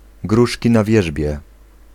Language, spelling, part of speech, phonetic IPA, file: Polish, gruszki na wierzbie, phrase, [ˈɡruʃʲci na‿ˈvʲjɛʒbʲjɛ], Pl-gruszki na wierzbie.ogg